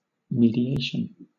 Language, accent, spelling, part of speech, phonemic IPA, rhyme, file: English, Southern England, mediation, noun, /ˌmiːdiˈeɪʃən/, -eɪʃən, LL-Q1860 (eng)-mediation.wav
- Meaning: 1. Negotiation to resolve differences conducted by an impartial party 2. The act of intervening for the purpose of bringing about a settlement 3. Heritage interpretation